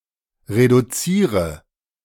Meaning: inflection of reduzieren: 1. first-person singular present 2. singular imperative 3. first/third-person singular subjunctive I
- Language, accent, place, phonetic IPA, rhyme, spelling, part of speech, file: German, Germany, Berlin, [ʁeduˈt͡siːʁə], -iːʁə, reduziere, verb, De-reduziere.ogg